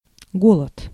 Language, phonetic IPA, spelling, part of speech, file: Russian, [ˈɡoɫət], голод, noun, Ru-голод.ogg
- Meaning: 1. hunger 2. famine 3. starvation 4. dearth, shortage